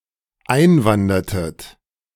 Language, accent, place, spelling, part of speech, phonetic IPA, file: German, Germany, Berlin, einwandertet, verb, [ˈaɪ̯nˌvandɐtət], De-einwandertet.ogg
- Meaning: inflection of einwandern: 1. second-person plural dependent preterite 2. second-person plural dependent subjunctive II